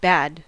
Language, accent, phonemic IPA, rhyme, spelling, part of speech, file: English, US, /bæd/, -æd, bad, adjective / adverb / noun / interjection / verb, En-us-bad.ogg
- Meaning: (adjective) 1. Of low quality 2. Inaccurate; incorrect 3. Unfavorable; negative; not good 4. Not suitable or fitting 5. Not appropriate, of manners etc